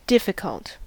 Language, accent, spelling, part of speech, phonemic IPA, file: English, US, difficult, adjective / verb, /ˈdɪfɪkəlt/, En-us-difficult.ogg
- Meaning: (adjective) 1. Hard, not easy, requiring much effort 2. Hard to manage, uncooperative, troublesome 3. Unable or unwilling; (verb) To make difficult, hinder; to impede; to perplex